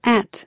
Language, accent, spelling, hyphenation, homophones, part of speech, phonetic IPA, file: English, US, at, at, @, preposition / noun / verb / pronoun, [æʔ], En-us-at.ogg
- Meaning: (preposition) 1. In, near, or in the general vicinity of (a particular place) 2. In, near, or in the general vicinity of (a particular place).: Attending (an educational institution)